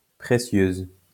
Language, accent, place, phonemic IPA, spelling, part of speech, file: French, France, Lyon, /pʁe.sjøz/, précieuse, adjective, LL-Q150 (fra)-précieuse.wav
- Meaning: feminine singular of précieux